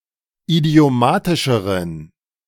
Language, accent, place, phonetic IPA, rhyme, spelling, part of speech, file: German, Germany, Berlin, [idi̯oˈmaːtɪʃəʁən], -aːtɪʃəʁən, idiomatischeren, adjective, De-idiomatischeren.ogg
- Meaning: inflection of idiomatisch: 1. strong genitive masculine/neuter singular comparative degree 2. weak/mixed genitive/dative all-gender singular comparative degree